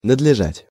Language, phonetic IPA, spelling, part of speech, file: Russian, [nədlʲɪˈʐatʲ], надлежать, verb, Ru-надлежать.ogg
- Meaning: to have to (to do as a requirement)